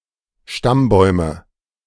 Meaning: nominative/accusative/genitive plural of Stammbaum
- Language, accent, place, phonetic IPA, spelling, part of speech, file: German, Germany, Berlin, [ˈʃtamˌbɔɪ̯mə], Stammbäume, noun, De-Stammbäume.ogg